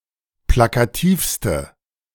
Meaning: inflection of plakativ: 1. strong/mixed nominative/accusative feminine singular superlative degree 2. strong nominative/accusative plural superlative degree
- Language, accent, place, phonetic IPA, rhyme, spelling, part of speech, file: German, Germany, Berlin, [ˌplakaˈtiːfstə], -iːfstə, plakativste, adjective, De-plakativste.ogg